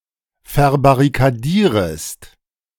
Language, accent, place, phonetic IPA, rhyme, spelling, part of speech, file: German, Germany, Berlin, [fɛɐ̯baʁikaˈdiːʁəst], -iːʁəst, verbarrikadierest, verb, De-verbarrikadierest.ogg
- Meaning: second-person singular subjunctive I of verbarrikadieren